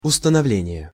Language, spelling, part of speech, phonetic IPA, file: Russian, установление, noun, [ʊstənɐˈvlʲenʲɪje], Ru-установление.ogg
- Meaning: 1. establishment 2. ascertainment